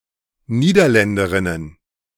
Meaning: plural of Niederländerin
- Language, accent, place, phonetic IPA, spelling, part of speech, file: German, Germany, Berlin, [ˈniːdɐˌlɛndəʁɪnən], Niederländerinnen, noun, De-Niederländerinnen.ogg